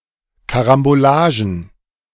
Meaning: plural of Karambolage
- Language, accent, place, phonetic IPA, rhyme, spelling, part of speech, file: German, Germany, Berlin, [kaʁamboˈlaːʒn̩], -aːʒn̩, Karambolagen, noun, De-Karambolagen.ogg